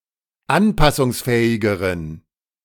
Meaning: inflection of anpassungsfähig: 1. strong genitive masculine/neuter singular comparative degree 2. weak/mixed genitive/dative all-gender singular comparative degree
- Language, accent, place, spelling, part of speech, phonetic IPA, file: German, Germany, Berlin, anpassungsfähigeren, adjective, [ˈanpasʊŋsˌfɛːɪɡəʁən], De-anpassungsfähigeren.ogg